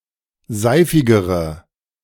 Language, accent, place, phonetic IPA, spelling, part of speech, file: German, Germany, Berlin, [ˈzaɪ̯fɪɡəʁə], seifigere, adjective, De-seifigere.ogg
- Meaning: inflection of seifig: 1. strong/mixed nominative/accusative feminine singular comparative degree 2. strong nominative/accusative plural comparative degree